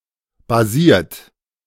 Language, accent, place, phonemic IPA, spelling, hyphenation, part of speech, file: German, Germany, Berlin, /baˈziːɐ̯t/, basiert, ba‧siert, verb / adjective, De-basiert.ogg
- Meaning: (verb) past participle of basieren; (adjective) based; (verb) inflection of basieren: 1. third-person singular present 2. second-person plural present 3. plural imperative